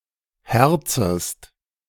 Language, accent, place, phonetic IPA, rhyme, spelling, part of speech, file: German, Germany, Berlin, [ˈhɛʁt͡səst], -ɛʁt͡səst, herzest, verb, De-herzest.ogg
- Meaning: second-person singular subjunctive I of herzen